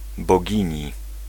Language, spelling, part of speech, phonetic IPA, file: Polish, bogini, noun, [bɔˈɟĩɲi], Pl-bogini.ogg